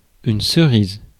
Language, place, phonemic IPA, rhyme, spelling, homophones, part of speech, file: French, Paris, /sə.ʁiz/, -iz, cerise, cerises, adjective / noun, Fr-cerise.ogg
- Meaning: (adjective) cerise colour; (noun) 1. cherry (fruit) 2. cerise (color)